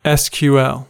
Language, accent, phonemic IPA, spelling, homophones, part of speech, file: English, US, /ɛs kjuː ɛl/, SQL, sequel, noun, En-us-SQL.ogg
- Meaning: 1. Initialism of Structured Query Language 2. Initialism of standard quantum limit